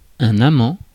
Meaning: 1. lover (one who loves a particular person) 2. lover (one who loves a particular thing, pursuit, etc.) 3. lover (participant in an extramarital or otherwise illicit romantic or sexual affair)
- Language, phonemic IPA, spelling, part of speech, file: French, /a.mɑ̃/, amant, noun, Fr-amant.ogg